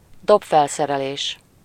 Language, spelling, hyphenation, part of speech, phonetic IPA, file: Hungarian, dobfelszerelés, dob‧fel‧sze‧re‧lés, noun, [ˈdopfɛlsɛrɛleːʃ], Hu-dobfelszerelés.ogg
- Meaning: drum kit